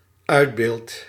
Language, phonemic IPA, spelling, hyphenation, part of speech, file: Dutch, /ˈœy̯dˌbeːlt/, uitbeeldt, uit‧beeldt, verb, Nl-uitbeeldt.ogg
- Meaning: second/third-person singular dependent-clause present indicative of uitbeelden